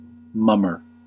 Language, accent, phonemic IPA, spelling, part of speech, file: English, US, /ˈmʌm.ɚ/, mummer, noun / verb, En-us-mummer.ogg
- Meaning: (noun) 1. A person who dons a disguising costume, as for a parade or a festival 2. An actor in a pantomime; one who communicates entirely through gesture and facial expression